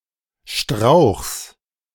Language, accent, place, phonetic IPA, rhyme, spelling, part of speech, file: German, Germany, Berlin, [ʃtʁaʊ̯xs], -aʊ̯xs, Strauchs, noun, De-Strauchs.ogg
- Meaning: genitive singular of Strauch